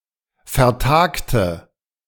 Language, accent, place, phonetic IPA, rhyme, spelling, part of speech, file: German, Germany, Berlin, [fɛɐ̯ˈtaːktə], -aːktə, vertagte, adjective / verb, De-vertagte.ogg
- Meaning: inflection of vertagen: 1. first/third-person singular preterite 2. first/third-person singular subjunctive II